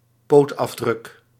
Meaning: a paw print
- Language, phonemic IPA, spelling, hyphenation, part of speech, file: Dutch, /ˈpoːt.ɑfˌdrʏk/, pootafdruk, poot‧af‧druk, noun, Nl-pootafdruk.ogg